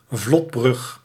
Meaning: 1. a retractable floating bridge 2. a bridge made from rafts
- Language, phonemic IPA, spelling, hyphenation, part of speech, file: Dutch, /ˈvlɔt.brʏx/, vlotbrug, vlot‧brug, noun, Nl-vlotbrug.ogg